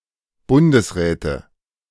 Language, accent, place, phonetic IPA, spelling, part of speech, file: German, Germany, Berlin, [ˈbʊndəsˌʁɛːtə], Bundesräte, noun, De-Bundesräte.ogg
- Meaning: nominative/accusative/genitive plural of Bundesrat